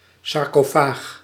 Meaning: sarcophagus
- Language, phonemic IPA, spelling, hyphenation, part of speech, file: Dutch, /sɑrkoˈfax/, sarcofaag, sar‧co‧faag, noun, Nl-sarcofaag.ogg